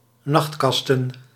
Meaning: plural of nachtkast
- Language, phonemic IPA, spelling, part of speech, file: Dutch, /ˈnɑxtkɑstə(n)/, nachtkasten, noun, Nl-nachtkasten.ogg